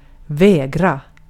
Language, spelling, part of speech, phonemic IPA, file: Swedish, vägra, verb, /²vɛːɡra/, Sv-vägra.ogg
- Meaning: to refuse (to do something)